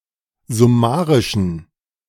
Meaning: inflection of summarisch: 1. strong genitive masculine/neuter singular 2. weak/mixed genitive/dative all-gender singular 3. strong/weak/mixed accusative masculine singular 4. strong dative plural
- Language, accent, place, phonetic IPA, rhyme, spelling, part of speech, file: German, Germany, Berlin, [zʊˈmaːʁɪʃn̩], -aːʁɪʃn̩, summarischen, adjective, De-summarischen.ogg